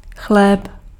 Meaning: bread
- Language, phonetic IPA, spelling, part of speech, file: Czech, [ˈxlɛːp], chléb, noun, Cs-chléb.ogg